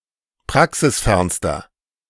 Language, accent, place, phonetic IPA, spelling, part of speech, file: German, Germany, Berlin, [ˈpʁaksɪsˌfɛʁnstɐ], praxisfernster, adjective, De-praxisfernster.ogg
- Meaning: inflection of praxisfern: 1. strong/mixed nominative masculine singular superlative degree 2. strong genitive/dative feminine singular superlative degree 3. strong genitive plural superlative degree